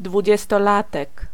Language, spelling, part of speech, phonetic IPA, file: Polish, dwudziestolatek, noun, [ˌdvud͡ʑɛstɔˈlatɛk], Pl-dwudziestolatek.ogg